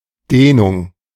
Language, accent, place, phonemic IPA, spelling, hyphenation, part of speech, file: German, Germany, Berlin, /ˈdeːnʊŋ/, Dehnung, Deh‧nung, noun, De-Dehnung.ogg
- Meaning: 1. stretching 2. dilation 3. lengthening